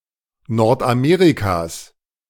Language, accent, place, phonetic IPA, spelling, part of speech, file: German, Germany, Berlin, [ˈnɔʁtʔaˌmeːʁikas], Nordamerikas, noun, De-Nordamerikas.ogg
- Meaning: genitive singular of Nordamerika